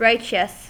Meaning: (adjective) 1. Free from sin or guilt 2. Moral and virtuous, perhaps to the point of sanctimony 3. Justified morally 4. Awesome; great 5. Major; large; significant
- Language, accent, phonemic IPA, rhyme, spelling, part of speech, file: English, US, /ˈɹaɪt͡ʃəs/, -aɪtʃəs, righteous, adjective / verb, En-us-righteous.ogg